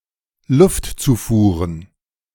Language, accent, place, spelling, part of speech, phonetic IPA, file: German, Germany, Berlin, Luftzufuhren, noun, [ˈlʊftˌt͡suːfuːʁən], De-Luftzufuhren.ogg
- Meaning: plural of Luftzufuhr